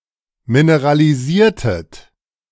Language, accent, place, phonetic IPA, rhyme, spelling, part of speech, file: German, Germany, Berlin, [minəʁaliˈziːɐ̯tət], -iːɐ̯tət, mineralisiertet, verb, De-mineralisiertet.ogg
- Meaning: inflection of mineralisieren: 1. second-person plural preterite 2. second-person plural subjunctive II